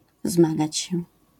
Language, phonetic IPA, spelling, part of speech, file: Polish, [ˈzmaɡat͡ɕ‿ɕɛ], zmagać się, verb, LL-Q809 (pol)-zmagać się.wav